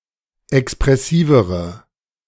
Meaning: inflection of expressiv: 1. strong/mixed nominative/accusative feminine singular comparative degree 2. strong nominative/accusative plural comparative degree
- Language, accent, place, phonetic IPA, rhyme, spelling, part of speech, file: German, Germany, Berlin, [ɛkspʁɛˈsiːvəʁə], -iːvəʁə, expressivere, adjective, De-expressivere.ogg